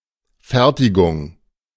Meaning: assembly, manufacture, production
- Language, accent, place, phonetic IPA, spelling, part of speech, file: German, Germany, Berlin, [ˈfɛʁtɪɡʊŋ], Fertigung, noun, De-Fertigung.ogg